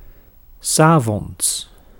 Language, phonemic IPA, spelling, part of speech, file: Dutch, /ˈsaː.vɔn(t)s/, 's avonds, adverb, Nl-'s avonds.ogg
- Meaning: in the evening